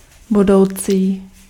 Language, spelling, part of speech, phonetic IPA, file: Czech, budoucí, adjective, [ˈbudou̯t͡siː], Cs-budoucí.ogg
- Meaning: future